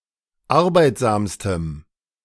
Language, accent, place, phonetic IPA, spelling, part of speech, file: German, Germany, Berlin, [ˈaʁbaɪ̯tzaːmstəm], arbeitsamstem, adjective, De-arbeitsamstem.ogg
- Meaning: strong dative masculine/neuter singular superlative degree of arbeitsam